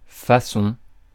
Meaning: way; manner; fashion
- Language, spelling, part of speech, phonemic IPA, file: French, façon, noun, /fa.sɔ̃/, Fr-façon.ogg